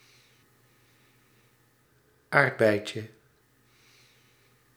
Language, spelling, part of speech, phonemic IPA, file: Dutch, aardbeitje, noun, /ˈardbɛɪcə/, Nl-aardbeitje.ogg
- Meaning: diminutive of aardbei